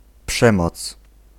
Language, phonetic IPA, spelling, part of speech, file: Polish, [ˈpʃɛ̃mɔt͡s], przemoc, noun, Pl-przemoc.ogg